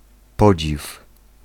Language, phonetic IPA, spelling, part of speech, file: Polish, [ˈpɔd͡ʑif], podziw, noun, Pl-podziw.ogg